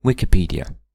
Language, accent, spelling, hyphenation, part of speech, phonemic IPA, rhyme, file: English, Received Pronunciation, Wikipedia, Wi‧ki‧ped‧ia, proper noun / noun / verb, /ˌwɪ.kɪˈpiːdi.ə/, -iːdiə, En-uk-Wikipedia.ogg
- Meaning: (proper noun) 1. A free-content, multilingual, online encyclopedia and wiki run by the Wikimedia Foundation 2. The community that develops Wikipedia 3. A main-belt asteroid (No. 274301)